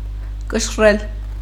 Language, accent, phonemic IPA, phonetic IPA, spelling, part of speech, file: Armenian, Eastern Armenian, /kəʃˈrel/, [kəʃrél], կշռել, verb, Hy-կշռել.ogg
- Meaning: to weigh